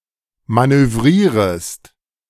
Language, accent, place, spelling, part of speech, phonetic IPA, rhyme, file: German, Germany, Berlin, manövrierest, verb, [ˌmanøˈvʁiːʁəst], -iːʁəst, De-manövrierest.ogg
- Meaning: second-person singular subjunctive I of manövrieren